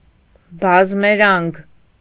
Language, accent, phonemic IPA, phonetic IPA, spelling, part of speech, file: Armenian, Eastern Armenian, /bɑzmeˈɾɑnɡ/, [bɑzmeɾɑ́ŋɡ], բազմերանգ, adjective, Hy-բազմերանգ.ogg
- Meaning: multicolored, variegated